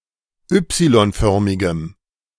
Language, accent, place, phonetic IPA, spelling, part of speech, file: German, Germany, Berlin, [ˈʏpsilɔnˌfœʁmɪɡəm], y-förmigem, adjective, De-y-förmigem.ogg
- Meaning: strong dative masculine/neuter singular of y-förmig